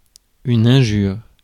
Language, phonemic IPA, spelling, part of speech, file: French, /ɛ̃.ʒyʁ/, injure, noun, Fr-injure.ogg
- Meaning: offense, insult